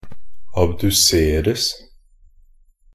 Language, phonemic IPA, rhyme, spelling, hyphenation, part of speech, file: Norwegian Bokmål, /abdʉˈseːrəs/, -əs, abduseres, ab‧du‧ser‧es, verb, Nb-abduseres.ogg
- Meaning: passive of abdusere